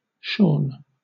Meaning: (verb) past participle of shear; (adjective) 1. Of a sheep, etc., having been shorn 2. Of a person, having had a haircut
- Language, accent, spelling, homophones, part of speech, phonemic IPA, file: English, Southern England, shorn, Sean / Shawn, verb / adjective, /ʃɔːn/, LL-Q1860 (eng)-shorn.wav